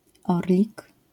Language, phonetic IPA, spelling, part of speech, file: Polish, [ˈɔrlʲik], orlik, noun, LL-Q809 (pol)-orlik.wav